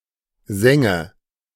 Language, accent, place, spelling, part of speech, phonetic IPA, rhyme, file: German, Germany, Berlin, senge, verb, [ˈzɛŋə], -ɛŋə, De-senge.ogg
- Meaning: inflection of sengen: 1. first-person singular present 2. first/third-person singular subjunctive I 3. singular imperative